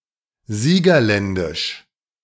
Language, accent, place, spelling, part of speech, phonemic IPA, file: German, Germany, Berlin, siegerländisch, adjective, /ˈziːɡɐˌlɛndɪʃ/, De-siegerländisch.ogg
- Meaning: of Siegerland